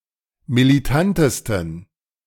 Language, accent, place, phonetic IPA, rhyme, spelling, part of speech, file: German, Germany, Berlin, [miliˈtantəstn̩], -antəstn̩, militantesten, adjective, De-militantesten.ogg
- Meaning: 1. superlative degree of militant 2. inflection of militant: strong genitive masculine/neuter singular superlative degree